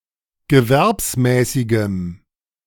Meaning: strong dative masculine/neuter singular of gewerbsmäßig
- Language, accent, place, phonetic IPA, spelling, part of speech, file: German, Germany, Berlin, [ɡəˈvɛʁpsˌmɛːsɪɡəm], gewerbsmäßigem, adjective, De-gewerbsmäßigem.ogg